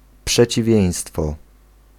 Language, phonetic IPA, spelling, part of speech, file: Polish, [ˌpʃɛt͡ɕiˈvʲjɛ̇̃j̃stfɔ], przeciwieństwo, noun, Pl-przeciwieństwo.ogg